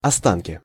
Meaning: remains, remnants
- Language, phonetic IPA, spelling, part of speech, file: Russian, [ɐˈstankʲɪ], останки, noun, Ru-останки.ogg